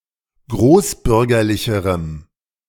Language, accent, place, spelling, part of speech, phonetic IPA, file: German, Germany, Berlin, großbürgerlicherem, adjective, [ˈɡʁoːsˌbʏʁɡɐlɪçəʁəm], De-großbürgerlicherem.ogg
- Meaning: strong dative masculine/neuter singular comparative degree of großbürgerlich